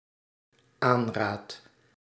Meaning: second/third-person singular dependent-clause present indicative of aanraden
- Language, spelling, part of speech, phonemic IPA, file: Dutch, aanraadt, verb, /ˈanradt/, Nl-aanraadt.ogg